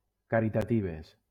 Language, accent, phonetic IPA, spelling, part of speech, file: Catalan, Valencia, [ka.ɾi.taˈti.ves], caritatives, adjective, LL-Q7026 (cat)-caritatives.wav
- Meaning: feminine plural of caritatiu